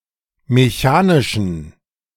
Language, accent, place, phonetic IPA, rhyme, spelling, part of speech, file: German, Germany, Berlin, [meˈçaːnɪʃn̩], -aːnɪʃn̩, mechanischen, adjective, De-mechanischen.ogg
- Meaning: inflection of mechanisch: 1. strong genitive masculine/neuter singular 2. weak/mixed genitive/dative all-gender singular 3. strong/weak/mixed accusative masculine singular 4. strong dative plural